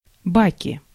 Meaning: nominative/accusative plural of бак (bak)
- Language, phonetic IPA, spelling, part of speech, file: Russian, [ˈbakʲɪ], баки, noun, Ru-баки.ogg